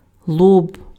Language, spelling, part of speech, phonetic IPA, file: Ukrainian, лоб, noun, [ɫɔb], Uk-лоб.ogg
- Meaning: forehead